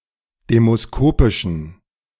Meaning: inflection of demoskopisch: 1. strong genitive masculine/neuter singular 2. weak/mixed genitive/dative all-gender singular 3. strong/weak/mixed accusative masculine singular 4. strong dative plural
- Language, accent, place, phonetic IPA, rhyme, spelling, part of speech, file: German, Germany, Berlin, [ˌdeːmosˈkoːpɪʃn̩], -oːpɪʃn̩, demoskopischen, adjective, De-demoskopischen.ogg